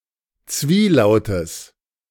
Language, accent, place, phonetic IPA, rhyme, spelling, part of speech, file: German, Germany, Berlin, [ˈt͡sviːˌlaʊ̯təs], -iːlaʊ̯təs, Zwielautes, noun, De-Zwielautes.ogg
- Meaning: genitive of Zwielaut